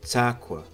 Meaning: jacket
- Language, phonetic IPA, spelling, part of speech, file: Kabardian, [t͡saːkʷa], цакуэ, noun, Цакуэ.ogg